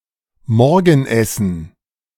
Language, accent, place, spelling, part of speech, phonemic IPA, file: German, Germany, Berlin, Morgenessen, noun, /ˈmɔʁɡn̩ˌʔɛsn̩/, De-Morgenessen.ogg
- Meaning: breakfast